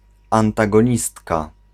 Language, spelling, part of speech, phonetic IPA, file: Polish, antagonistka, noun, [ˌãntaɡɔ̃ˈɲistka], Pl-antagonistka.ogg